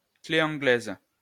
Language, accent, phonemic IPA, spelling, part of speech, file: French, France, /kle ɑ̃.ɡlɛz/, clé anglaise, noun, LL-Q150 (fra)-clé anglaise.wav
- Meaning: monkey wrench (a wrench)